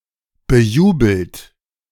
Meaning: past participle of bejubeln
- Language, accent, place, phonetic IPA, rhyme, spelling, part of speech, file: German, Germany, Berlin, [bəˈjuːbl̩t], -uːbl̩t, bejubelt, verb, De-bejubelt.ogg